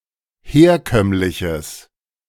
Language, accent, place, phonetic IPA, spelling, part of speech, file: German, Germany, Berlin, [ˈheːɐ̯ˌkœmlɪçəs], herkömmliches, adjective, De-herkömmliches.ogg
- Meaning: strong/mixed nominative/accusative neuter singular of herkömmlich